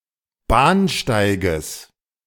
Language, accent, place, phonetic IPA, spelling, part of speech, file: German, Germany, Berlin, [ˈbaːnˌʃtaɪ̯ɡəs], Bahnsteiges, noun, De-Bahnsteiges.ogg
- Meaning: genitive singular of Bahnsteig